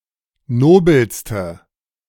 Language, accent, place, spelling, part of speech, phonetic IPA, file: German, Germany, Berlin, nobelste, adjective, [ˈnoːbl̩stə], De-nobelste.ogg
- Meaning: inflection of nobel: 1. strong/mixed nominative/accusative feminine singular superlative degree 2. strong nominative/accusative plural superlative degree